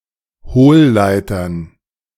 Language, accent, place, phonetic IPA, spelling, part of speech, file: German, Germany, Berlin, [ˈhoːlˌlaɪ̯tɐn], Hohlleitern, noun, De-Hohlleitern.ogg
- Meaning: dative plural of Hohlleiter